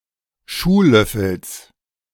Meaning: genitive singular of Schuhlöffel
- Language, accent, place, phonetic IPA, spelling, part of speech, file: German, Germany, Berlin, [ˈʃuːˌlœfl̩s], Schuhlöffels, noun, De-Schuhlöffels.ogg